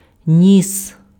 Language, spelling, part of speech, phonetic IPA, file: Ukrainian, ніс, noun / verb, [nʲis], Uk-ніс.ogg
- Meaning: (noun) nose; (verb) masculine singular past imperfective of нести́ (nestý)